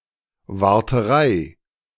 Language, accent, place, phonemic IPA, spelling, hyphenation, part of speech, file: German, Germany, Berlin, /vaʁtəˈʁaɪ̯/, Warterei, War‧te‧rei, noun, De-Warterei.ogg
- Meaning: waiting (when perceived as annoyingly long or repeated)